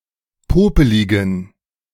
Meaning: inflection of popelig: 1. strong genitive masculine/neuter singular 2. weak/mixed genitive/dative all-gender singular 3. strong/weak/mixed accusative masculine singular 4. strong dative plural
- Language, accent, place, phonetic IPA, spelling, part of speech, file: German, Germany, Berlin, [ˈpoːpəlɪɡn̩], popeligen, adjective, De-popeligen.ogg